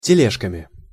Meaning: instrumental plural of теле́жка (teléžka)
- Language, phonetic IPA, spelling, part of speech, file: Russian, [tʲɪˈlʲeʂkəmʲɪ], тележками, noun, Ru-тележками.ogg